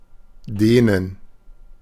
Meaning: to stretch, to make longer or wider by pulling, pushing, extending
- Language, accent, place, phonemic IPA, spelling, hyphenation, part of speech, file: German, Germany, Berlin, /ˈdeːnən/, dehnen, deh‧nen, verb, De-dehnen.ogg